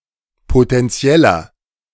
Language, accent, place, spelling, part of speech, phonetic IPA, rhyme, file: German, Germany, Berlin, potentieller, adjective, [potɛnˈt͡si̯ɛlɐ], -ɛlɐ, De-potentieller.ogg
- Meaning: inflection of potentiell: 1. strong/mixed nominative masculine singular 2. strong genitive/dative feminine singular 3. strong genitive plural